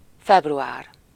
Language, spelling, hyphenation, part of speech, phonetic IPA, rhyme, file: Hungarian, február, feb‧ru‧ár, noun, [ˈfɛbruaːr], -aːr, Hu-február.ogg
- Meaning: February